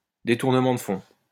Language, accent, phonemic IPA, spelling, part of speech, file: French, France, /de.tuʁ.nə.mɑ̃ d(ə) fɔ̃/, détournement de fonds, noun, LL-Q150 (fra)-détournement de fonds.wav
- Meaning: embezzlement, misappropriation